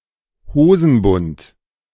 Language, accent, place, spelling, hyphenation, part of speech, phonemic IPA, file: German, Germany, Berlin, Hosenbund, Ho‧sen‧bund, noun, /ˈhoːzn̩ˌbʊnt/, De-Hosenbund.ogg
- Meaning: trouser waistband